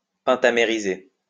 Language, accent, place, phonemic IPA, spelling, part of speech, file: French, France, Lyon, /pɛ̃.ta.me.ʁi.ze/, pentamériser, verb, LL-Q150 (fra)-pentamériser.wav
- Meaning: to pentamerize